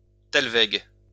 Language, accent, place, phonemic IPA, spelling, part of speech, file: French, France, Lyon, /tal.vɛɡ/, thalweg, noun, LL-Q150 (fra)-thalweg.wav
- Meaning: thalweg